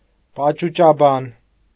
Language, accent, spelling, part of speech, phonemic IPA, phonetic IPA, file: Armenian, Eastern Armenian, պաճուճաբան, noun / adjective, /pɑt͡ʃut͡ʃɑˈbɑn/, [pɑt͡ʃut͡ʃɑbɑ́n], Hy-պաճուճաբան.ogg
- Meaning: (noun) ornate, overembellished speaker; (adjective) ornate, overembellished, flowery